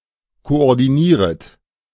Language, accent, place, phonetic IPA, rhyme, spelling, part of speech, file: German, Germany, Berlin, [koʔɔʁdiˈniːʁət], -iːʁət, koordinieret, verb, De-koordinieret.ogg
- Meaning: second-person plural subjunctive I of koordinieren